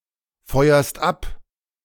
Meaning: second-person singular present of abfeuern
- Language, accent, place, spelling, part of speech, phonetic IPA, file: German, Germany, Berlin, feuerst ab, verb, [ˌfɔɪ̯ɐst ˈap], De-feuerst ab.ogg